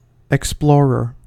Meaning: 1. One who explores something 2. A person who by means of travel (notably an expedition) searches out new information 3. Any of various hand tools, with sharp points, used in dentistry
- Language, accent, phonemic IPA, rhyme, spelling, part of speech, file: English, US, /ɛkˈsplɔːɹə(ɹ)/, -ɔːɹə(ɹ), explorer, noun, En-us-explorer.ogg